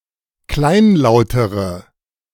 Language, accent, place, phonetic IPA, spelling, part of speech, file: German, Germany, Berlin, [ˈklaɪ̯nˌlaʊ̯təʁə], kleinlautere, adjective, De-kleinlautere.ogg
- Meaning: inflection of kleinlaut: 1. strong/mixed nominative/accusative feminine singular comparative degree 2. strong nominative/accusative plural comparative degree